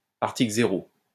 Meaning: zero article
- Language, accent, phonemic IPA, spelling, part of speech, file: French, France, /aʁ.ti.klə ze.ʁo/, article zéro, noun, LL-Q150 (fra)-article zéro.wav